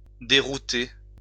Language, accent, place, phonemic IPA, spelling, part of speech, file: French, France, Lyon, /de.ʁu.te/, dérouter, verb, LL-Q150 (fra)-dérouter.wav
- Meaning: 1. to reroute, derail (cause to change path) 2. to set back 3. to disconcert